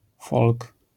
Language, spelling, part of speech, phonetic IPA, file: Polish, folk, noun, [fɔlk], LL-Q809 (pol)-folk.wav